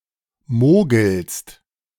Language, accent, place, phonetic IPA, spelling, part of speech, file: German, Germany, Berlin, [ˈmoːɡl̩st], mogelst, verb, De-mogelst.ogg
- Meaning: second-person singular present of mogeln